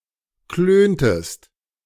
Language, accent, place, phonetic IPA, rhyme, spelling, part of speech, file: German, Germany, Berlin, [ˈkløːntəst], -øːntəst, klöntest, verb, De-klöntest.ogg
- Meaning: inflection of klönen: 1. second-person singular preterite 2. second-person singular subjunctive II